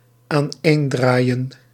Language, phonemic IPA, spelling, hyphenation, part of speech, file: Dutch, /aːnˈeːnˌdraːi̯ə(n)/, aaneendraaien, aan‧een‧draai‧en, verb, Nl-aaneendraaien.ogg
- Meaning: to wind together in a spiral